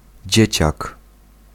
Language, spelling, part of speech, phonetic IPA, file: Polish, dzieciak, noun, [ˈd͡ʑɛ̇t͡ɕak], Pl-dzieciak.ogg